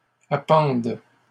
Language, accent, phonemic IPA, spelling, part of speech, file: French, Canada, /a.pɑ̃d/, appende, verb, LL-Q150 (fra)-appende.wav
- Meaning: first/third-person singular present subjunctive of appendre